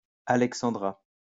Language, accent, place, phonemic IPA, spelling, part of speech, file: French, France, Lyon, /a.lɛk.sɑ̃.dʁa/, alexandra, noun, LL-Q150 (fra)-alexandra.wav
- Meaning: a cocktail containing cognac, crème de cacao and crème fraîche with grated nutmeg for decoration